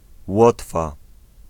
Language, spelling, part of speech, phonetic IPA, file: Polish, Łotwa, proper noun, [ˈwɔtfa], Pl-Łotwa.ogg